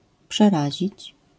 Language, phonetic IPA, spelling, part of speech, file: Polish, [pʃɛˈraʑit͡ɕ], przerazić, verb, LL-Q809 (pol)-przerazić.wav